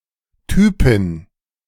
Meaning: gal, dudette
- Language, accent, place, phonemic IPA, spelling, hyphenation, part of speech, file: German, Germany, Berlin, /ˈtyːpɪn/, Typin, Ty‧pin, noun, De-Typin.ogg